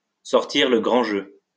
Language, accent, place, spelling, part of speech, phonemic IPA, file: French, France, Lyon, sortir le grand jeu, verb, /sɔʁ.tiʁ lə ɡʁɑ̃ ʒø/, LL-Q150 (fra)-sortir le grand jeu.wav
- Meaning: to pull out all the stops, to go all out